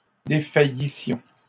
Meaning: first-person plural imperfect subjunctive of défaillir
- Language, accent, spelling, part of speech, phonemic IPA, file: French, Canada, défaillissions, verb, /de.fa.ji.sjɔ̃/, LL-Q150 (fra)-défaillissions.wav